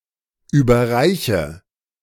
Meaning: inflection of überreichen: 1. first-person singular present 2. first/third-person singular subjunctive I 3. singular imperative
- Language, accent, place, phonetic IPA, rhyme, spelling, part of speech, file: German, Germany, Berlin, [ˌyːbɐˈʁaɪ̯çə], -aɪ̯çə, überreiche, verb, De-überreiche.ogg